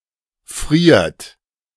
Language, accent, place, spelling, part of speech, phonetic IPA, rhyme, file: German, Germany, Berlin, friert, verb, [fʁiːɐ̯t], -iːɐ̯t, De-friert.ogg
- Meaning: inflection of frieren: 1. third-person singular present 2. second-person plural present 3. plural imperative